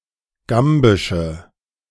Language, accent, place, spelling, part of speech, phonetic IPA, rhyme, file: German, Germany, Berlin, gambische, adjective, [ˈɡambɪʃə], -ambɪʃə, De-gambische.ogg
- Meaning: inflection of gambisch: 1. strong/mixed nominative/accusative feminine singular 2. strong nominative/accusative plural 3. weak nominative all-gender singular